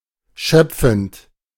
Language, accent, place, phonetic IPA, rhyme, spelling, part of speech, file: German, Germany, Berlin, [ˈʃœp͡fn̩t], -œp͡fn̩t, schöpfend, verb, De-schöpfend.ogg
- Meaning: present participle of schöpfen